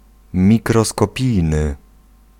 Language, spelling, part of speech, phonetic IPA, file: Polish, mikroskopijny, adjective, [ˌmʲikrɔskɔˈpʲijnɨ], Pl-mikroskopijny.ogg